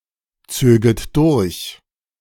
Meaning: second-person plural subjunctive II of durchziehen
- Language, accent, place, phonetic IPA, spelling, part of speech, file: German, Germany, Berlin, [ˌt͡søːɡət ˈdʊʁç], zöget durch, verb, De-zöget durch.ogg